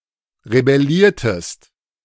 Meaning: inflection of rebellieren: 1. second-person singular preterite 2. second-person singular subjunctive II
- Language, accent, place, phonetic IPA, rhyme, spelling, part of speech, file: German, Germany, Berlin, [ʁebɛˈliːɐ̯təst], -iːɐ̯təst, rebelliertest, verb, De-rebelliertest.ogg